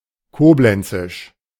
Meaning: of Koblenz
- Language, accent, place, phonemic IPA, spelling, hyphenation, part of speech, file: German, Germany, Berlin, /ˈkoːblɛnt͡sɪʃ/, koblenzisch, ko‧b‧len‧zisch, adjective, De-koblenzisch.ogg